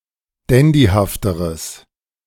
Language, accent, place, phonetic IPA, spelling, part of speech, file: German, Germany, Berlin, [ˈdɛndihaftəʁəs], dandyhafteres, adjective, De-dandyhafteres.ogg
- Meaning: strong/mixed nominative/accusative neuter singular comparative degree of dandyhaft